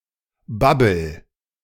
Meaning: inflection of babbeln: 1. first-person singular present 2. singular imperative
- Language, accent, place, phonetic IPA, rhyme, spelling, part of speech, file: German, Germany, Berlin, [ˈbabl̩], -abl̩, babbel, verb, De-babbel.ogg